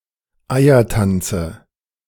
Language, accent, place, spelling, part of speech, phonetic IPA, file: German, Germany, Berlin, Eiertanze, noun, [ˈaɪ̯ɐˌtant͡sə], De-Eiertanze.ogg
- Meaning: dative singular of Eiertanz